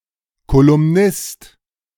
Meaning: columnist (of male or of unspecified gender)
- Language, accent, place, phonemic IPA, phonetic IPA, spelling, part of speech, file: German, Germany, Berlin, /kolʊmˈnɪst/, [kʰolʊmˈnɪst], Kolumnist, noun, De-Kolumnist.ogg